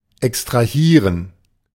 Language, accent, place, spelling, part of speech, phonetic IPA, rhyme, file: German, Germany, Berlin, extrahieren, verb, [ɛkstʁaˈhiːʁən], -iːʁən, De-extrahieren.ogg
- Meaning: to extract